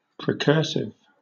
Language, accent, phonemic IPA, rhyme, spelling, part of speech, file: English, Southern England, /pɹɪˈkɜː(ɹ)sɪv/, -ɜː(ɹ)sɪv, precursive, adjective, LL-Q1860 (eng)-precursive.wav
- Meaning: Preceding; introductory; precursory